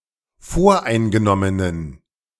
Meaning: inflection of voreingenommen: 1. strong genitive masculine/neuter singular 2. weak/mixed genitive/dative all-gender singular 3. strong/weak/mixed accusative masculine singular 4. strong dative plural
- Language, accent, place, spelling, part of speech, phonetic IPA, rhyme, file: German, Germany, Berlin, voreingenommenen, adjective, [ˈfoːɐ̯ʔaɪ̯nɡəˌnɔmənən], -aɪ̯nɡənɔmənən, De-voreingenommenen.ogg